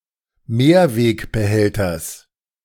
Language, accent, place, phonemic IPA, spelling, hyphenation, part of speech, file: German, Germany, Berlin, /ˈmeːɐ̯veːkbəˌhɛltɐs/, Mehrwegbehälters, Mehr‧weg‧be‧häl‧ters, noun, De-Mehrwegbehälters.ogg
- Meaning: genitive singular of Mehrwegbehälter